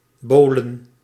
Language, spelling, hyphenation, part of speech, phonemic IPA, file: Dutch, bowlen, bow‧len, verb, /ˈboː.lə(n)/, Nl-bowlen.ogg
- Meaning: to bowl, to play bowling